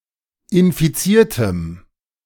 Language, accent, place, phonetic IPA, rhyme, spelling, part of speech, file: German, Germany, Berlin, [ɪnfiˈt͡siːɐ̯təm], -iːɐ̯təm, infiziertem, adjective, De-infiziertem.ogg
- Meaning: strong dative masculine/neuter singular of infiziert